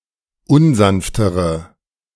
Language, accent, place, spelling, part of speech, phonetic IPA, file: German, Germany, Berlin, unsanftere, adjective, [ˈʊnˌzanftəʁə], De-unsanftere.ogg
- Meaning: inflection of unsanft: 1. strong/mixed nominative/accusative feminine singular comparative degree 2. strong nominative/accusative plural comparative degree